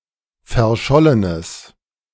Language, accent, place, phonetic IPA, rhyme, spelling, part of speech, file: German, Germany, Berlin, [fɛɐ̯ˈʃɔlənəs], -ɔlənəs, verschollenes, adjective, De-verschollenes.ogg
- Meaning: strong/mixed nominative/accusative neuter singular of verschollen